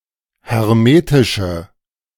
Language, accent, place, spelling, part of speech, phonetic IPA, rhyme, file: German, Germany, Berlin, hermetische, adjective, [hɛʁˈmeːtɪʃə], -eːtɪʃə, De-hermetische.ogg
- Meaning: inflection of hermetisch: 1. strong/mixed nominative/accusative feminine singular 2. strong nominative/accusative plural 3. weak nominative all-gender singular